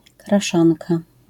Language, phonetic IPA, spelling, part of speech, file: Polish, [kraˈʃãnka], kraszanka, noun, LL-Q809 (pol)-kraszanka.wav